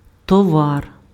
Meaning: commodity, article, product
- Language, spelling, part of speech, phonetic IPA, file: Ukrainian, товар, noun, [tɔˈʋar], Uk-товар.ogg